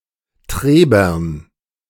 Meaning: plural of Treber
- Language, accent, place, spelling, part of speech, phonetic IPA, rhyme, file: German, Germany, Berlin, Trebern, noun, [ˈtʁeːbɐn], -eːbɐn, De-Trebern.ogg